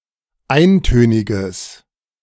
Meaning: strong/mixed nominative/accusative neuter singular of eintönig
- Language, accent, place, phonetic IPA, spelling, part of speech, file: German, Germany, Berlin, [ˈaɪ̯nˌtøːnɪɡəs], eintöniges, adjective, De-eintöniges.ogg